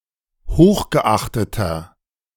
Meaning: inflection of hochgeachtet: 1. strong/mixed nominative masculine singular 2. strong genitive/dative feminine singular 3. strong genitive plural
- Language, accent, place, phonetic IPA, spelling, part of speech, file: German, Germany, Berlin, [ˈhoːxɡəˌʔaxtətɐ], hochgeachteter, adjective, De-hochgeachteter.ogg